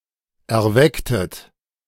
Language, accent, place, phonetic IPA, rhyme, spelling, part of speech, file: German, Germany, Berlin, [ɛɐ̯ˈvɛktət], -ɛktət, erwecktet, verb, De-erwecktet.ogg
- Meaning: inflection of erwecken: 1. second-person plural preterite 2. second-person plural subjunctive II